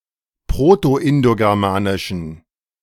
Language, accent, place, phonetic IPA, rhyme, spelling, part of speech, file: German, Germany, Berlin, [ˌpʁotoʔɪndoɡɛʁˈmaːnɪʃn̩], -aːnɪʃn̩, proto-indogermanischen, adjective, De-proto-indogermanischen.ogg
- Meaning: inflection of proto-indogermanisch: 1. strong genitive masculine/neuter singular 2. weak/mixed genitive/dative all-gender singular 3. strong/weak/mixed accusative masculine singular